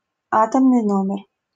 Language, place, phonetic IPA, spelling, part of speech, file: Russian, Saint Petersburg, [ˈatəmnɨj ˈnomʲɪr], атомный номер, noun, LL-Q7737 (rus)-атомный номер.wav
- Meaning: atomic number (number of protons)